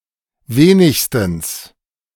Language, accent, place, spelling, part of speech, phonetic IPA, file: German, Germany, Berlin, wenigstens, adverb, [ˈveːnɪçstn̩s], De-wenigstens.ogg
- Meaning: at least